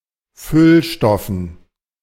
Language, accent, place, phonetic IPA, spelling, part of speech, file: German, Germany, Berlin, [ˈfʏlˌʃtɔfn̩], Füllstoffen, noun, De-Füllstoffen.ogg
- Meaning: dative plural of Füllstoff